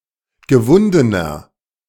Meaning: 1. comparative degree of gewunden 2. inflection of gewunden: strong/mixed nominative masculine singular 3. inflection of gewunden: strong genitive/dative feminine singular
- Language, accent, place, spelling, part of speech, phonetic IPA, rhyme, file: German, Germany, Berlin, gewundener, adjective, [ɡəˈvʊndənɐ], -ʊndənɐ, De-gewundener.ogg